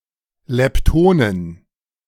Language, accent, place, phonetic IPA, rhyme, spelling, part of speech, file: German, Germany, Berlin, [lɛpˈtoːnən], -oːnən, Leptonen, noun, De-Leptonen.ogg
- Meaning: plural of Lepton